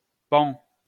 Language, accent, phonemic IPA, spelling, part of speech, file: French, France, /pɑ̃/, Paon, proper noun, LL-Q150 (fra)-Paon.wav
- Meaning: Pavo